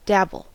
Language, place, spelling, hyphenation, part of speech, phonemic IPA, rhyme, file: English, California, dabble, dab‧ble, verb / noun, /ˈdæb.əl/, -æbəl, En-us-dabble.ogg
- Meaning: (verb) To make slightly wet or soiled by spattering or sprinkling a liquid (such as water, mud, or paint) on it; to bedabble